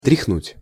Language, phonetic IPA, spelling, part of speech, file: Russian, [trʲɪxˈnutʲ], тряхнуть, verb, Ru-тряхнуть.ogg
- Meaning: to shake (once)